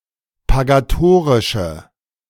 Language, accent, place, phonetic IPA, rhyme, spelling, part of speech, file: German, Germany, Berlin, [paɡaˈtoːʁɪʃə], -oːʁɪʃə, pagatorische, adjective, De-pagatorische.ogg
- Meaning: inflection of pagatorisch: 1. strong/mixed nominative/accusative feminine singular 2. strong nominative/accusative plural 3. weak nominative all-gender singular